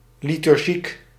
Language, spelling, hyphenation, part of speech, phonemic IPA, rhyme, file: Dutch, liturgiek, li‧tur‧giek, noun, /ˌli.tʏrˈɣik/, -ik, Nl-liturgiek.ogg
- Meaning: the theological study of liturgy